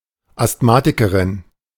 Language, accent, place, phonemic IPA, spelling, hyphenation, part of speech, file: German, Germany, Berlin, /astˈmaːtɪkəʁɪn/, Asthmatikerin, Asth‧ma‧ti‧ke‧rin, noun, De-Asthmatikerin.ogg
- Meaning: female equivalent of Asthmatiker